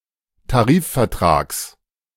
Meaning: genitive singular of Tarifvertrag
- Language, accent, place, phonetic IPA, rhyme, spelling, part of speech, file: German, Germany, Berlin, [taˈʁiːffɛɐ̯ˌtʁaːks], -iːffɛɐ̯tʁaːks, Tarifvertrags, noun, De-Tarifvertrags.ogg